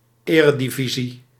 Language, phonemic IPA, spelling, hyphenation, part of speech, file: Dutch, /ˈeːrədiˌvisi/, eredivisie, ere‧di‧vi‧sie, noun, Nl-eredivisie.ogg
- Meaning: the highest league in the league system of a sport, chiefly with regard to the Netherlands and Belgium